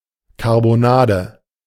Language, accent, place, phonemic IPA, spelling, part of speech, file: German, Germany, Berlin, /kaʁboˈnaːdə/, Karbonade, noun, De-Karbonade.ogg
- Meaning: 1. cutlet, roasted ribs 2. meatball